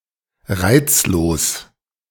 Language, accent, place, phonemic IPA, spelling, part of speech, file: German, Germany, Berlin, /ˈʁaɪ̯t͡sloːs/, reizlos, adjective, De-reizlos.ogg
- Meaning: unattractive, graceless